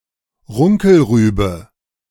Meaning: 1. mangelwurzel, (Beta vulgaris subsp. vulgaris) 2. swede, neep, rutabaga, (Brassica napus subsp. rapifera)
- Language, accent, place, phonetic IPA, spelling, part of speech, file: German, Germany, Berlin, [ˈʁʊŋkl̩ˌʁyːbə], Runkelrübe, noun, De-Runkelrübe.ogg